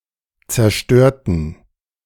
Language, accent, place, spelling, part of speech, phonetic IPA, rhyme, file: German, Germany, Berlin, zerstörten, adjective / verb, [t͡sɛɐ̯ˈʃtøːɐ̯tn̩], -øːɐ̯tn̩, De-zerstörten.ogg
- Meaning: inflection of zerstören: 1. first/third-person plural preterite 2. first/third-person plural subjunctive II